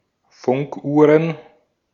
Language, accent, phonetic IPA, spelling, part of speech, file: German, Austria, [ˈfʊŋkˌʔuːʁən], Funkuhren, noun, De-at-Funkuhren.ogg
- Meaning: plural of Funkuhr